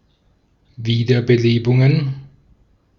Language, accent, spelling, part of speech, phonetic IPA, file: German, Austria, Wiederbelebungen, noun, [ˈviːdɐbəˌleːbʊŋən], De-at-Wiederbelebungen.ogg
- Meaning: plural of Wiederbelebung